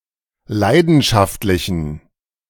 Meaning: inflection of leidenschaftlich: 1. strong genitive masculine/neuter singular 2. weak/mixed genitive/dative all-gender singular 3. strong/weak/mixed accusative masculine singular
- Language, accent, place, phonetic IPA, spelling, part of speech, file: German, Germany, Berlin, [ˈlaɪ̯dn̩ʃaftlɪçn̩], leidenschaftlichen, adjective, De-leidenschaftlichen.ogg